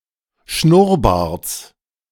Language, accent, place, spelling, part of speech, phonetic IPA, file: German, Germany, Berlin, Schnurrbarts, noun, [ˈʃnʊʁˌbaːɐ̯t͡s], De-Schnurrbarts.ogg
- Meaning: genitive singular of Schnurrbart